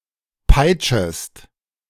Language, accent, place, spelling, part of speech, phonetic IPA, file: German, Germany, Berlin, peitschest, verb, [ˈpaɪ̯t͡ʃəst], De-peitschest.ogg
- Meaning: second-person singular subjunctive I of peitschen